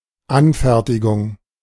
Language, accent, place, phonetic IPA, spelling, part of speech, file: German, Germany, Berlin, [ˈanˌfɛɐ̯tɪɡʊŋ], Anfertigung, noun, De-Anfertigung.ogg
- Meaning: making; creation; production